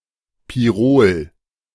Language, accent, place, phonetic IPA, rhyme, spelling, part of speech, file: German, Germany, Berlin, [piˈʁoːl], -oːl, Pirol, noun, De-Pirol.ogg
- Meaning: An Old World oriole, particularly the Eurasian golden oriole